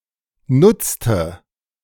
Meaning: inflection of nutzen: 1. first/third-person singular preterite 2. first/third-person singular subjunctive II
- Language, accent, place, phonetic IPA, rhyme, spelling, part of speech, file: German, Germany, Berlin, [ˈnʊt͡stə], -ʊt͡stə, nutzte, verb, De-nutzte.ogg